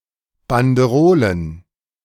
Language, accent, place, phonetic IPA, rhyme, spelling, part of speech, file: German, Germany, Berlin, [bandəˈʁoːlən], -oːlən, Banderolen, noun, De-Banderolen.ogg
- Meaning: plural of Banderole